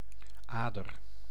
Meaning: 1. vein 2. any narrow and long passageway essential to a larger networked system such as roads
- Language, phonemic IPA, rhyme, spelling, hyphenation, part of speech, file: Dutch, /ˈaː.dər/, -aːdər, ader, ader, noun, Nl-ader.ogg